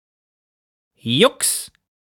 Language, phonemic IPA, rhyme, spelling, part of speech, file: German, /jʊks/, -ʊks, Jux, noun, De-Jux.ogg
- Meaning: 1. a joke, generally a mild one made in passing 2. jest, joking, fun